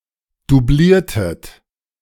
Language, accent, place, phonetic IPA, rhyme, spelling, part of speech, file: German, Germany, Berlin, [duˈbliːɐ̯tət], -iːɐ̯tət, dubliertet, verb, De-dubliertet.ogg
- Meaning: inflection of dublieren: 1. second-person plural preterite 2. second-person plural subjunctive II